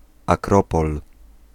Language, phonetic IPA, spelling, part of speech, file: Polish, [aˈkrɔpɔl], akropol, noun, Pl-akropol.ogg